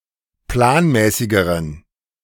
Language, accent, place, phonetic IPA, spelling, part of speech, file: German, Germany, Berlin, [ˈplaːnˌmɛːsɪɡəʁən], planmäßigeren, adjective, De-planmäßigeren.ogg
- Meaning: inflection of planmäßig: 1. strong genitive masculine/neuter singular comparative degree 2. weak/mixed genitive/dative all-gender singular comparative degree